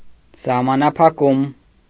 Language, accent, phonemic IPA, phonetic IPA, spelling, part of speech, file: Armenian, Eastern Armenian, /sɑhmɑnɑpʰɑˈkum/, [sɑhmɑnɑpʰɑkúm], սահմանափակում, noun, Hy-սահմանափակում.ogg
- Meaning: 1. limitation (act of limiting) 2. limitation (restriction that limits)